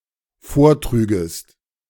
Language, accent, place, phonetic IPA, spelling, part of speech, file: German, Germany, Berlin, [ˈfoːɐ̯ˌtʁyːɡəst], vortrügest, verb, De-vortrügest.ogg
- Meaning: second-person singular dependent subjunctive II of vortragen